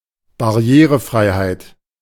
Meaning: accessibility
- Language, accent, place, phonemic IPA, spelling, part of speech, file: German, Germany, Berlin, /baˈri̯eːrəˌfraɪ̯haɪ̯t/, Barrierefreiheit, noun, De-Barrierefreiheit.ogg